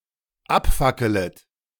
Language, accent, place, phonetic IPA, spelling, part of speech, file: German, Germany, Berlin, [ˈapˌfakələt], abfackelet, verb, De-abfackelet.ogg
- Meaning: second-person plural dependent subjunctive I of abfackeln